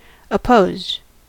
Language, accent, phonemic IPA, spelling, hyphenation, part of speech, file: English, US, /əˈpoʊzd/, opposed, op‧posed, adjective / verb, En-us-opposed.ogg
- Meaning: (adjective) 1. Acting in opposition; opposing 2. Being, of having an opponent; not unopposed 3. Opposite; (verb) simple past and past participle of oppose